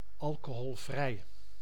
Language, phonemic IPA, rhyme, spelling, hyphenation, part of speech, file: Dutch, /ˌɑl.koː.ɦɔlˈvrɛi̯/, -ɛi̯, alcoholvrij, al‧co‧hol‧vrij, adjective, Nl-alcoholvrij.ogg
- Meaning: alcohol-free (not containing alcohol)